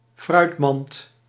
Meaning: fruit basket
- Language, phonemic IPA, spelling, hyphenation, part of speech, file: Dutch, /ˈfrœy̯tˌmɑnt/, fruitmand, fruit‧mand, noun, Nl-fruitmand.ogg